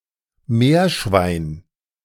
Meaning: 1. porpoise; dolphin 2. guinea pig
- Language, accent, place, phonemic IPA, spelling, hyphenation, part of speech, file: German, Germany, Berlin, /ˈmeːɐ̯ˌʃvaɪ̯n/, Meerschwein, Meer‧schwein, noun, De-Meerschwein.ogg